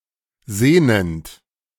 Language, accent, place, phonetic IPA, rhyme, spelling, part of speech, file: German, Germany, Berlin, [ˈzeːnənt], -eːnənt, sehnend, verb, De-sehnend.ogg
- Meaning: present participle of sehnen